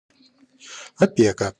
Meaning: 1. guardianship, wardship, tutelage, custody 2. trusteeship 3. guardians, board of guardians 4. care, surveillance
- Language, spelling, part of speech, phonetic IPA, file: Russian, опека, noun, [ɐˈpʲekə], Ru-опека.ogg